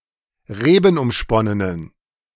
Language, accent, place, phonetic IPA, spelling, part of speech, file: German, Germany, Berlin, [ˈʁeːbn̩ʔʊmˌʃpɔnənən], rebenumsponnenen, adjective, De-rebenumsponnenen.ogg
- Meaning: inflection of rebenumsponnen: 1. strong genitive masculine/neuter singular 2. weak/mixed genitive/dative all-gender singular 3. strong/weak/mixed accusative masculine singular 4. strong dative plural